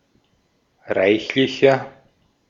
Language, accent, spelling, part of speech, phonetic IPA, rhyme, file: German, Austria, reichlicher, adjective, [ˈʁaɪ̯çlɪçɐ], -aɪ̯çlɪçɐ, De-at-reichlicher.ogg
- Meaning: 1. comparative degree of reichlich 2. inflection of reichlich: strong/mixed nominative masculine singular 3. inflection of reichlich: strong genitive/dative feminine singular